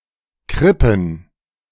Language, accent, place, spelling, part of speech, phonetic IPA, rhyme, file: German, Germany, Berlin, Krippen, noun, [ˈkʁɪpn̩], -ɪpn̩, De-Krippen.ogg
- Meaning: plural of Krippe "cribs"